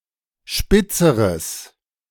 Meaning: strong/mixed nominative/accusative neuter singular comparative degree of spitz
- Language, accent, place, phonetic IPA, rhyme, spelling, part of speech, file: German, Germany, Berlin, [ˈʃpɪt͡səʁəs], -ɪt͡səʁəs, spitzeres, adjective, De-spitzeres.ogg